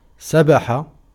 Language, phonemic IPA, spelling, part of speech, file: Arabic, /sabħ/, سبح, noun, Ar-سبح.ogg
- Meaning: 1. verbal noun of سَبَحَ (sabaḥa) (form I) 2. praise, laudation